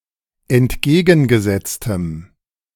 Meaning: strong dative masculine/neuter singular of entgegengesetzt
- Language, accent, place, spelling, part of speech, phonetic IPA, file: German, Germany, Berlin, entgegengesetztem, adjective, [ɛntˈɡeːɡn̩ɡəˌzɛt͡stəm], De-entgegengesetztem.ogg